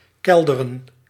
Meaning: 1. to cause to sink 2. to plummet
- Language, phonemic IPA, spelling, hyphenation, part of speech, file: Dutch, /ˈkɛl.də.rə(n)/, kelderen, kel‧de‧ren, verb, Nl-kelderen.ogg